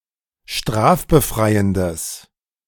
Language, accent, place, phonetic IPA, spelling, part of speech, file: German, Germany, Berlin, [ˈʃtʁaːfbəˌfʁaɪ̯əndəs], strafbefreiendes, adjective, De-strafbefreiendes.ogg
- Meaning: strong/mixed nominative/accusative neuter singular of strafbefreiend